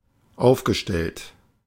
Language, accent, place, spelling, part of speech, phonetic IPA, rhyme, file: German, Germany, Berlin, aufgestellt, verb, [ˈaʊ̯fɡəˌʃtɛlt], -aʊ̯fɡəʃtɛlt, De-aufgestellt.ogg
- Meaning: past participle of aufstellen